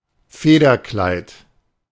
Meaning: plumage
- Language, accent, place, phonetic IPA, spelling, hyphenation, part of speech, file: German, Germany, Berlin, [ˈfeːdɐˌklaɪ̯t], Federkleid, Fe‧der‧kleid, noun, De-Federkleid.ogg